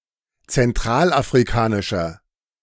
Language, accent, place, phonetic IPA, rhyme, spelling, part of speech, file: German, Germany, Berlin, [t͡sɛnˌtʁaːlʔafʁiˈkaːnɪʃɐ], -aːnɪʃɐ, zentralafrikanischer, adjective, De-zentralafrikanischer.ogg
- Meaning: inflection of zentralafrikanisch: 1. strong/mixed nominative masculine singular 2. strong genitive/dative feminine singular 3. strong genitive plural